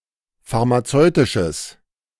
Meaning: strong/mixed nominative/accusative neuter singular of pharmazeutisch
- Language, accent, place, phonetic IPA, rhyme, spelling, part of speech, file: German, Germany, Berlin, [faʁmaˈt͡sɔɪ̯tɪʃəs], -ɔɪ̯tɪʃəs, pharmazeutisches, adjective, De-pharmazeutisches.ogg